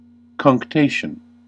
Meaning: Delay, hesitation, procrastination
- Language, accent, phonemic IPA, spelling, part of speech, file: English, US, /kʌŋkˈteɪʃən/, cunctation, noun, En-us-cunctation.ogg